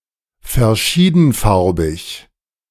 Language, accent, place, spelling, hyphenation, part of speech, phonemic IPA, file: German, Germany, Berlin, verschiedenfarbig, ver‧schie‧den‧far‧big, adjective, /fɛɐ̯.ˈʃiː.dn̩.ˌfaʁ.bɪç/, De-verschiedenfarbig.ogg
- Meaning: varicoloured, multicoloured